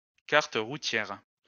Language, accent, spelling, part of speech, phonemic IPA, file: French, France, carte routière, noun, /kaʁ.t(ə) ʁu.tjɛʁ/, LL-Q150 (fra)-carte routière.wav
- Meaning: road map (map with a visual representation of roads used for automobile travel and navigation)